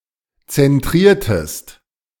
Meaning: inflection of zentrieren: 1. second-person singular preterite 2. second-person singular subjunctive II
- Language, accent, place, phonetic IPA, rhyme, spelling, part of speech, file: German, Germany, Berlin, [t͡sɛnˈtʁiːɐ̯təst], -iːɐ̯təst, zentriertest, verb, De-zentriertest.ogg